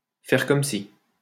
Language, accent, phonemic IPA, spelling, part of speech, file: French, France, /fɛʁ kɔm si/, faire comme si, verb, LL-Q150 (fra)-faire comme si.wav
- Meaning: to pretend, to do as if